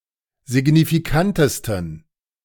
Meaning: 1. superlative degree of signifikant 2. inflection of signifikant: strong genitive masculine/neuter singular superlative degree
- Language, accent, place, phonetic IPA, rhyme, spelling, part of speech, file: German, Germany, Berlin, [zɪɡnifiˈkantəstn̩], -antəstn̩, signifikantesten, adjective, De-signifikantesten.ogg